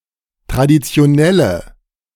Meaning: inflection of traditionell: 1. strong/mixed nominative/accusative feminine singular 2. strong nominative/accusative plural 3. weak nominative all-gender singular
- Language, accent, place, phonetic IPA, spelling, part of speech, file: German, Germany, Berlin, [tʁaditsi̯oˈnɛlə], traditionelle, adjective, De-traditionelle.ogg